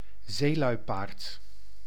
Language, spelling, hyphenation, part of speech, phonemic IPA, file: Dutch, zeeluipaard, zee‧lui‧paard, noun, /ˈzeːˌlœy̯.paːrt/, Nl-zeeluipaard.ogg
- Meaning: leopard seal, sea leopard, Hydrurga leptonyx